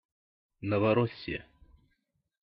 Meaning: 1. Novorossiya, the former Russian province in southern Ukraine formed during a war with the Ottoman Empire 2. Novorossiya, a proposed confederation of ethnic Russians in southern Ukraine
- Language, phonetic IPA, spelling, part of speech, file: Russian, [nəvɐˈrosʲɪjə], Новороссия, proper noun, Ru-Новороссия.ogg